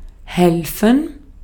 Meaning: to help (someone); to assist; to aid
- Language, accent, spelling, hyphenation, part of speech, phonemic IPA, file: German, Austria, helfen, hel‧fen, verb, /ˈhɛlfn̩/, De-at-helfen.ogg